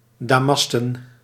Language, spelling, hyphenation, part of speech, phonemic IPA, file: Dutch, damasten, da‧mas‧ten, adjective / noun, /daːˈmɑs.tə(n)/, Nl-damasten.ogg
- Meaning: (adjective) made of damask; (noun) plural of damast